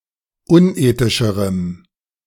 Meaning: strong dative masculine/neuter singular comparative degree of unethisch
- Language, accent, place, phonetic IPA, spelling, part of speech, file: German, Germany, Berlin, [ˈʊnˌʔeːtɪʃəʁəm], unethischerem, adjective, De-unethischerem.ogg